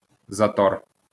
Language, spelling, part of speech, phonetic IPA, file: Ukrainian, затор, noun, [zɐˈtɔr], LL-Q8798 (ukr)-затор.wav
- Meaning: 1. congestion, obstruction, blockage, jam 2. traffic jam, jam